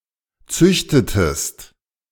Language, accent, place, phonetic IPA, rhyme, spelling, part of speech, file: German, Germany, Berlin, [ˈt͡sʏçtətəst], -ʏçtətəst, züchtetest, verb, De-züchtetest.ogg
- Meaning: inflection of züchten: 1. second-person singular preterite 2. second-person singular subjunctive II